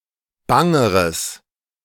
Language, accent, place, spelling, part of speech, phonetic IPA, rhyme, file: German, Germany, Berlin, bangeres, adjective, [ˈbaŋəʁəs], -aŋəʁəs, De-bangeres.ogg
- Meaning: strong/mixed nominative/accusative neuter singular comparative degree of bang